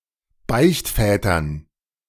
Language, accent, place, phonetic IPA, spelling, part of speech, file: German, Germany, Berlin, [ˈbaɪ̯çtˌfɛːtɐn], Beichtvätern, noun, De-Beichtvätern.ogg
- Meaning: dative plural of Beichtvater